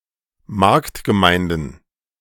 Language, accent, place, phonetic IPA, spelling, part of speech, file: German, Germany, Berlin, [ˈmaʁktɡəˌmaɪ̯ndn̩], Marktgemeinden, noun, De-Marktgemeinden.ogg
- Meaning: plural of Marktgemeinde